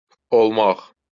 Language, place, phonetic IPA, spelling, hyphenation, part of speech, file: Azerbaijani, Baku, [olˈmɑχ], olmaq, ol‧maq, verb, LL-Q9292 (aze)-olmaq.wav
- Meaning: 1. to be 2. to become 3. to happen 4. in the form olar: may, to be allowed 5. in the form olar: why not (used to indicate that one has no objection, but is not too eager)